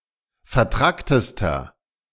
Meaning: inflection of vertrackt: 1. strong/mixed nominative masculine singular superlative degree 2. strong genitive/dative feminine singular superlative degree 3. strong genitive plural superlative degree
- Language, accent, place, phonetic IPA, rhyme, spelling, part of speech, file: German, Germany, Berlin, [fɛɐ̯ˈtʁaktəstɐ], -aktəstɐ, vertracktester, adjective, De-vertracktester.ogg